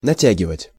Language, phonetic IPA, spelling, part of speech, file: Russian, [nɐˈtʲæɡʲɪvətʲ], натягивать, verb, Ru-натягивать.ogg
- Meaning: 1. to stretch, to pull (taut) 2. to pull on